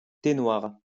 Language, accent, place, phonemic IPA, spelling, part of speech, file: French, France, Lyon, /te nwaʁ/, thé noir, noun, LL-Q150 (fra)-thé noir.wav
- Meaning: black tea